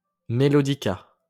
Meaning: melodica
- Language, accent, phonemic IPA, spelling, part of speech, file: French, France, /me.lɔ.di.ka/, mélodica, noun, LL-Q150 (fra)-mélodica.wav